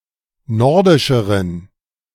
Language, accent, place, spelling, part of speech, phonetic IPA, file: German, Germany, Berlin, nordischeren, adjective, [ˈnɔʁdɪʃəʁən], De-nordischeren.ogg
- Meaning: inflection of nordisch: 1. strong genitive masculine/neuter singular comparative degree 2. weak/mixed genitive/dative all-gender singular comparative degree